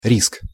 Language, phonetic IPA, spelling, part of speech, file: Russian, [rʲisk], риск, noun, Ru-риск.ogg
- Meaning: 1. risk (possible, usually negative, outcome) 2. genitive plural of ри́ска (ríska)